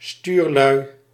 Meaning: plural of stuurman
- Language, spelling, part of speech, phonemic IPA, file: Dutch, stuurlui, noun, /ˈstyrlœy/, Nl-stuurlui.ogg